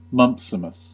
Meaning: A person who obstinately adheres to old ways in spite of clear evidence that they are wrong; an ignorant and bigoted opponent of reform
- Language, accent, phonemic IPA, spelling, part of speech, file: English, General American, /ˈmʌmpsɪməs/, mumpsimus, noun, En-us-mumpsimus.ogg